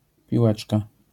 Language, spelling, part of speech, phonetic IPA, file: Polish, piłeczka, noun, [pʲiˈwɛt͡ʃka], LL-Q809 (pol)-piłeczka.wav